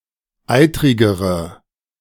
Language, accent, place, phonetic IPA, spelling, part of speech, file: German, Germany, Berlin, [ˈaɪ̯tʁɪɡəʁə], eitrigere, adjective, De-eitrigere.ogg
- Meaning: inflection of eitrig: 1. strong/mixed nominative/accusative feminine singular comparative degree 2. strong nominative/accusative plural comparative degree